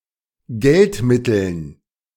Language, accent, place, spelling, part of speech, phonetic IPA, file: German, Germany, Berlin, Geldmitteln, noun, [ˈɡɛltˌmɪtl̩n], De-Geldmitteln.ogg
- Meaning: dative plural of Geldmittel